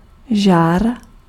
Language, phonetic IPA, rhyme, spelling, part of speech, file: Czech, [ˈʒaːr], -aːr, žár, noun, Cs-žár.ogg
- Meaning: glow, heat